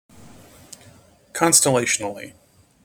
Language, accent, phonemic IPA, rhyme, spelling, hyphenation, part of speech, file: English, General American, /ˌkɑnstəˈleɪʃənəli/, -eɪʃənəli, constellationally, con‧stel‧lat‧ion‧al‧ly, adverb, En-us-constellationally.mp3